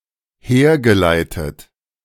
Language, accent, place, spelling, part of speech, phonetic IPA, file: German, Germany, Berlin, hergeleitet, verb, [ˈheːɐ̯ɡəˌlaɪ̯tət], De-hergeleitet.ogg
- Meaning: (verb) past participle of herleiten; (adjective) 1. derived 2. deduced